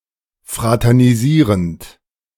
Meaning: present participle of fraternisieren
- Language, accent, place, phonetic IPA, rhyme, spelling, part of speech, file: German, Germany, Berlin, [ˌfʁatɛʁniˈziːʁənt], -iːʁənt, fraternisierend, verb, De-fraternisierend.ogg